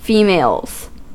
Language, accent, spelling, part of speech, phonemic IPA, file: English, US, females, noun, /ˈfiː.meɪlz/, En-us-females.ogg
- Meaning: plural of female